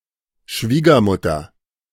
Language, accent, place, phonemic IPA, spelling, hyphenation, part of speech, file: German, Germany, Berlin, /ˈʃviːɡɐˌmʊtɐ/, Schwiegermutter, Schwie‧ger‧mut‧ter, noun, De-Schwiegermutter.ogg
- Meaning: mother-in-law